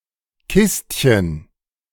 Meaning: diminutive of Kiste
- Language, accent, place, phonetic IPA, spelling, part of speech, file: German, Germany, Berlin, [ˈkɪstçən], Kistchen, noun, De-Kistchen.ogg